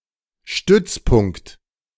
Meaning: 1. fulcrum, point on which something rests 2. base 3. a fortified point of strategic importance, a stronghold 4. stronghold, base, central point
- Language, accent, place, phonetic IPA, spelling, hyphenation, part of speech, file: German, Germany, Berlin, [ˈʃtʏt͡sˌpʊŋ(k)t], Stützpunkt, Stütz‧punkt, noun, De-Stützpunkt.ogg